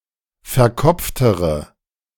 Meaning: inflection of verkopft: 1. strong/mixed nominative/accusative feminine singular comparative degree 2. strong nominative/accusative plural comparative degree
- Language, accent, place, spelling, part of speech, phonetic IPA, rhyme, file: German, Germany, Berlin, verkopftere, adjective, [fɛɐ̯ˈkɔp͡ftəʁə], -ɔp͡ftəʁə, De-verkopftere.ogg